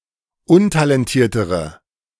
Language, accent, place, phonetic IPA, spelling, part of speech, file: German, Germany, Berlin, [ˈʊntalɛnˌtiːɐ̯təʁə], untalentiertere, adjective, De-untalentiertere.ogg
- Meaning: inflection of untalentiert: 1. strong/mixed nominative/accusative feminine singular comparative degree 2. strong nominative/accusative plural comparative degree